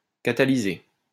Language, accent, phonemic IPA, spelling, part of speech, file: French, France, /ka.ta.li.ze/, catalyser, verb, LL-Q150 (fra)-catalyser.wav
- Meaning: to catalyze